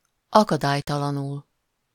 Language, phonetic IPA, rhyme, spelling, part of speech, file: Hungarian, [ˈɒkɒdaːjtɒlɒnul], -ul, akadálytalanul, adverb, Hu-akadálytalanul.ogg
- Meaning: unhinderedly, unimpededly, unobstructedly, freely